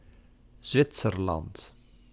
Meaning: Switzerland (a country in Western Europe and Central Europe; official name: Helvetische Republiek)
- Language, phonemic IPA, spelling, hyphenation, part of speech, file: Dutch, /ˈzʋɪtsərˌlɑnt/, Zwitserland, Zwit‧ser‧land, proper noun, Nl-Zwitserland.ogg